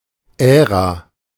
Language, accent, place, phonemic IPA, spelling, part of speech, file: German, Germany, Berlin, /ˈɛːʁa/, Ära, noun, De-Ära.ogg
- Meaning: era